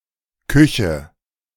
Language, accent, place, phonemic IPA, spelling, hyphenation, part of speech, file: German, Germany, Berlin, /ˈkʏçə/, Küche, Kü‧che, noun, De-Küche.ogg
- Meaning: 1. kitchen (room) 2. cuisine (cooking traditions)